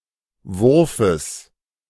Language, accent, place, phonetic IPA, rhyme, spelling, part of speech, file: German, Germany, Berlin, [ˈvʊʁfəs], -ʊʁfəs, Wurfes, noun, De-Wurfes.ogg
- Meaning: genitive singular of Wurf